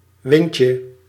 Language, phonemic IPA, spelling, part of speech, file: Dutch, /ˈwɪɲcə/, windje, noun, Nl-windje.ogg
- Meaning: diminutive of wind